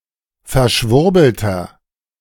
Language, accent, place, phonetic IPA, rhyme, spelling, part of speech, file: German, Germany, Berlin, [fɛɐ̯ˈʃvʊʁbl̩tɐ], -ʊʁbl̩tɐ, verschwurbelter, adjective, De-verschwurbelter.ogg
- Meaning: 1. comparative degree of verschwurbelt 2. inflection of verschwurbelt: strong/mixed nominative masculine singular 3. inflection of verschwurbelt: strong genitive/dative feminine singular